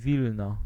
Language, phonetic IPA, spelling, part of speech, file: Polish, [ˈvʲilnɔ], Wilno, proper noun, Pl-Wilno.ogg